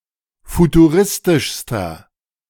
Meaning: inflection of futuristisch: 1. strong/mixed nominative masculine singular superlative degree 2. strong genitive/dative feminine singular superlative degree 3. strong genitive plural superlative degree
- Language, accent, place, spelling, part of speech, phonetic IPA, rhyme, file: German, Germany, Berlin, futuristischster, adjective, [futuˈʁɪstɪʃstɐ], -ɪstɪʃstɐ, De-futuristischster.ogg